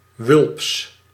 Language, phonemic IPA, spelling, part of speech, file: Dutch, /ʋʏlps/, wulps, adjective, Nl-wulps.ogg
- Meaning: 1. wanton, lascivious 2. voluptuous, curvaceous